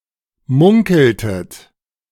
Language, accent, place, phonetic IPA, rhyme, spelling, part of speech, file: German, Germany, Berlin, [ˈmʊŋkl̩tət], -ʊŋkl̩tət, munkeltet, verb, De-munkeltet.ogg
- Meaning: inflection of munkeln: 1. second-person plural preterite 2. second-person plural subjunctive II